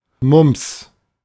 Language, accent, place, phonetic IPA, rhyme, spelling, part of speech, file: German, Germany, Berlin, [mʊmps], -ʊmps, Mumps, noun, De-Mumps.ogg
- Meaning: mumps